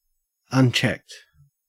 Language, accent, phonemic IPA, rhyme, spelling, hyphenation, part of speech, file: English, Australia, /ʌnˈt͡ʃɛkt/, -ɛkt, unchecked, un‧checked, adjective / verb, En-au-unchecked.ogg
- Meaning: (adjective) 1. Unrestrained, not held back 2. Not examined for accuracy, efficiency, etc 3. Of a check box: not checked (ticked or enabled)